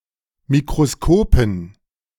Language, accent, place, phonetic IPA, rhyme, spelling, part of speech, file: German, Germany, Berlin, [mikʁoˈskoːpn̩], -oːpn̩, Mikroskopen, noun, De-Mikroskopen.ogg
- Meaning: dative plural of Mikroskop